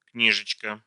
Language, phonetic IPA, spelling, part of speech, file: Russian, [ˈknʲiʐɨt͡ɕkə], книжечка, noun, Ru-книжечка.ogg
- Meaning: 1. diminutive of кни́жка (knížka): (small) book, booklet 2. diminutive of кни́га (kníga): (small) book, booklet